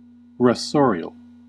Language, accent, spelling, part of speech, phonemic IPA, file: English, US, rasorial, adjective, /ɹəˈsɔːɹɪəl/, En-us-rasorial.ogg
- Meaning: 1. Scratching the ground for food, as domestic fowl or other gallinaceous birds 2. Pertaining to the now obsolete order Rasores